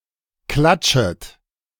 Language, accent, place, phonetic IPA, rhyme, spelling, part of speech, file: German, Germany, Berlin, [ˈklat͡ʃət], -at͡ʃət, klatschet, verb, De-klatschet.ogg
- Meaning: second-person plural subjunctive I of klatschen